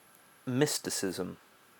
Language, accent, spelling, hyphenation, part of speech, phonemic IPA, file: English, Received Pronunciation, mysticism, mys‧ti‧cism, noun, /ˈmɪs.tɪˌsɪz.əm/, En-uk-mysticism.ogg
- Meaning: 1. The beliefs, ideas, or thoughts of mystics 2. A doctrine of direct communication or spiritual intuition of divine truth 3. A transcendental union of soul or mind with the divine reality or divinity